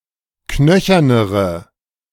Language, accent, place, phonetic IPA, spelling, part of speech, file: German, Germany, Berlin, [ˈknœçɐnəʁə], knöchernere, adjective, De-knöchernere.ogg
- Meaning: inflection of knöchern: 1. strong/mixed nominative/accusative feminine singular comparative degree 2. strong nominative/accusative plural comparative degree